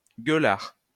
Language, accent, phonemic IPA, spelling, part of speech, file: French, France, /ɡœ.laʁ/, gueulard, adjective / noun, LL-Q150 (fra)-gueulard.wav
- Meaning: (adjective) 1. loud (person, music) 2. loudmouthed; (noun) loudmouth